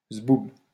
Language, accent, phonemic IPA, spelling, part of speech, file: French, France, /zbub/, zboube, noun, LL-Q150 (fra)-zboube.wav
- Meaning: alternative form of zboob